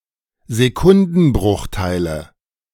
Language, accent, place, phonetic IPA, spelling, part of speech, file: German, Germany, Berlin, [zeˈkʊndn̩ˌbʁʊxtaɪ̯lə], Sekundenbruchteile, noun, De-Sekundenbruchteile.ogg
- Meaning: nominative/accusative/genitive plural of Sekundenbruchteil